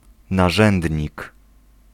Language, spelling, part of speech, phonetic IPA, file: Polish, narzędnik, noun, [naˈʒɛ̃ndʲɲik], Pl-narzędnik.ogg